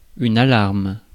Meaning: 1. alarm (alert) 2. alarm (panic)
- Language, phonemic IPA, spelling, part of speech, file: French, /a.laʁm/, alarme, noun, Fr-alarme.ogg